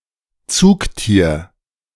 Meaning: draught animal, beast of burden
- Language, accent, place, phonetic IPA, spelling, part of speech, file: German, Germany, Berlin, [ˈtsuːkˌtiːɐ̯], Zugtier, noun, De-Zugtier.ogg